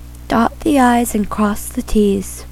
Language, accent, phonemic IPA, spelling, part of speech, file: English, US, /ˌdɑt ði ˈaɪz ən ˌkɹɔs ðə ˈtiz/, dot the i's and cross the t's, verb, En-us-dot the i's and cross the t's.ogg
- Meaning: To take care of every detail, even minor ones; to be meticulous or thorough; to finish off something close to complete